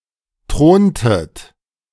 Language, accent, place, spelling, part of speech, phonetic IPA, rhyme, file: German, Germany, Berlin, throntet, verb, [ˈtʁoːntət], -oːntət, De-throntet.ogg
- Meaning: inflection of thronen: 1. second-person plural preterite 2. second-person plural subjunctive II